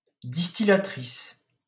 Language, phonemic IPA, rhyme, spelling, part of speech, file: French, /dis.ti.la.tʁis/, -is, distillatrice, noun, LL-Q150 (fra)-distillatrice.wav
- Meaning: feminine singular of distillateur